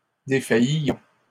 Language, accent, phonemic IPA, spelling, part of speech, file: French, Canada, /de.faj.jɔ̃/, défaillions, verb, LL-Q150 (fra)-défaillions.wav
- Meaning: inflection of défaillir: 1. first-person plural present subjunctive 2. first-person plural imperfect indicative